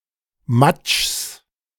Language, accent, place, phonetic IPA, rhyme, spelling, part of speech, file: German, Germany, Berlin, [mat͡ʃs], -at͡ʃs, Matschs, noun, De-Matschs.ogg
- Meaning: genitive singular of Matsch